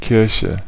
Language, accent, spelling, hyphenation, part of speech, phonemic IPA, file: German, Germany, Kirche, Kir‧che, noun, /ˈkɪʁçə/, De-Kirche.ogg
- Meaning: 1. church (building) 2. church (organised religion, especially Catholicism) 3. an assembly